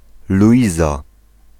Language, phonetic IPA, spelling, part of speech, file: Polish, [luˈʲiza], Luiza, proper noun, Pl-Luiza.ogg